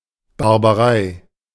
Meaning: 1. barbarity 2. barbarism
- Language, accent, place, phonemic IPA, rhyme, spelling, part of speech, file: German, Germany, Berlin, /baʁbaˈʁaɪ̯/, -aɪ̯, Barbarei, noun, De-Barbarei.ogg